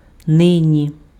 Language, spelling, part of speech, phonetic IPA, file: Ukrainian, нині, adverb, [ˈnɪnʲi], Uk-нині.ogg
- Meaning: 1. now, at the moment 2. nowadays, at present